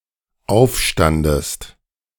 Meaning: second-person singular dependent preterite of aufstehen
- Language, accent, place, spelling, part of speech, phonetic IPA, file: German, Germany, Berlin, aufstandest, verb, [ˈaʊ̯fˌʃtandəst], De-aufstandest.ogg